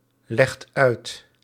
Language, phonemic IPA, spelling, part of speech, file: Dutch, /ˈlɛxt ˈœyt/, legt uit, verb, Nl-legt uit.ogg
- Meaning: inflection of uitleggen: 1. second/third-person singular present indicative 2. plural imperative